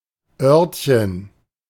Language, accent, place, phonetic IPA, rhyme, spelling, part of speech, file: German, Germany, Berlin, [ˈœʁtçən], -œʁtçən, Örtchen, noun, De-Örtchen.ogg
- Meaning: 1. diminutive of Ort 2. toilet